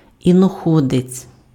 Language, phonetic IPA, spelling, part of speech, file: Ukrainian, [inɔˈxɔdet͡sʲ], іноходець, noun, Uk-іноходець.ogg
- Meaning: ambler, pacer (type of horse)